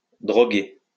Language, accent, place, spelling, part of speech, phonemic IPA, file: French, France, Lyon, droguer, verb, /dʁɔ.ɡe/, LL-Q150 (fra)-droguer.wav
- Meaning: 1. to take drugs (intoxicating substances) 2. to drug someone